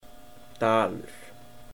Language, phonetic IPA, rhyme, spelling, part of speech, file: Icelandic, [ˈtaːlʏr], -aːlʏr, dalur, noun, Is-dalur.oga
- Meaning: 1. valley 2. thaler, taler (old European currency) 3. dollar